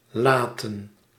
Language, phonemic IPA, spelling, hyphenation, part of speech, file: Dutch, /ˈlaːtə(n)/, laten, la‧ten, verb / noun, Nl-laten.ogg
- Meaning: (verb) 1. to leave, to cause to remain in the same position or state 2. to leave, to allow to remain/continue to 3. to let, to allow to 4. to cause to, to make; creates a causative phrase